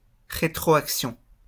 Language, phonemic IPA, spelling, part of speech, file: French, /ʁe.tʁo.ak.sjɔ̃/, rétroaction, noun, LL-Q150 (fra)-rétroaction.wav
- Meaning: 1. feedback (signal that is looped back to control a system within itself) 2. retroaction